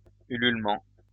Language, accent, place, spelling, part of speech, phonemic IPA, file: French, France, Lyon, ululement, noun, /y.lyl.mɑ̃/, LL-Q150 (fra)-ululement.wav
- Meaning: hoot (the cry of an owl)